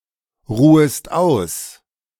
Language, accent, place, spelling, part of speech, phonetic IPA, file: German, Germany, Berlin, ruhest aus, verb, [ˌʁuːəst ˈaʊ̯s], De-ruhest aus.ogg
- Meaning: second-person singular subjunctive I of ausruhen